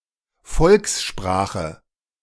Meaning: vernacular
- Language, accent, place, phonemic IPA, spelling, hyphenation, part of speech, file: German, Germany, Berlin, /ˈfɔlksˌʃpʁaːxə/, Volkssprache, Volks‧spra‧che, noun, De-Volkssprache.ogg